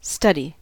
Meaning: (verb) 1. To review materials already learned in order to make sure one does not forget them, usually in preparation for an examination 2. To take a course or courses on a subject
- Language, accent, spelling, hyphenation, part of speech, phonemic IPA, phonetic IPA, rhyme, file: English, US, study, study, verb / noun, /ˈstʌd.i/, [ˈstʌɾ.i], -ʌdi, En-us-study.ogg